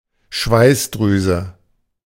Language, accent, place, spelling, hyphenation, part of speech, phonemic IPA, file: German, Germany, Berlin, Schweißdrüse, Schweiß‧drü‧se, noun, /ˈʃvaɪ̯sˌdʁyːzə/, De-Schweißdrüse.ogg
- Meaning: sweat gland